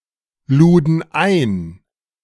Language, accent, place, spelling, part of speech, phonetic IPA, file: German, Germany, Berlin, luden ein, verb, [ˌluːdn̩ ˈaɪ̯n], De-luden ein.ogg
- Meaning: first/third-person plural preterite of einladen